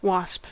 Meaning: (noun) 1. Any of many types of stinging flying insect resembling a hornet 2. Any of the members of suborder Apocrita, excepting the ants (family Formicidae) and bees (clade Anthophila)
- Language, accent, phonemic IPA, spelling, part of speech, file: English, US, /wɑsp/, wasp, noun / verb, En-us-wasp.ogg